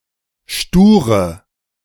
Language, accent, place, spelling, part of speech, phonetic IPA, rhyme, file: German, Germany, Berlin, sture, adjective, [ˈʃtuːʁə], -uːʁə, De-sture.ogg
- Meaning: inflection of stur: 1. strong/mixed nominative/accusative feminine singular 2. strong nominative/accusative plural 3. weak nominative all-gender singular 4. weak accusative feminine/neuter singular